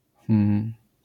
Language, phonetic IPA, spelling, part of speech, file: Polish, [xm], hm, interjection, LL-Q809 (pol)-hm.wav